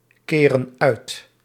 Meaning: inflection of uitkeren: 1. plural present indicative 2. plural present subjunctive
- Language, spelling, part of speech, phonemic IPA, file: Dutch, keren uit, verb, /ˈkerə(n) ˈœyt/, Nl-keren uit.ogg